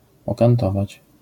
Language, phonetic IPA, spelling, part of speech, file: Polish, [ˌɔkãnˈtɔvat͡ɕ], okantować, verb, LL-Q809 (pol)-okantować.wav